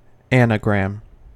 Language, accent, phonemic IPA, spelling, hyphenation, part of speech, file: English, US, /ˈæ.nə.ɡɹæm/, anagram, ana‧gram, noun / verb, En-us-anagram.ogg
- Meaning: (noun) A word or phrase that is created by rearranging the letters of another word or phrase; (verb) To form anagrams